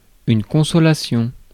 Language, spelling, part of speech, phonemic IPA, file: French, consolation, noun, /kɔ̃.sɔ.la.sjɔ̃/, Fr-consolation.ogg
- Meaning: consolation